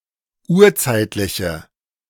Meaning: inflection of urzeitlich: 1. strong/mixed nominative/accusative feminine singular 2. strong nominative/accusative plural 3. weak nominative all-gender singular
- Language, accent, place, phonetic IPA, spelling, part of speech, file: German, Germany, Berlin, [ˈuːɐ̯ˌt͡saɪ̯tlɪçə], urzeitliche, adjective, De-urzeitliche.ogg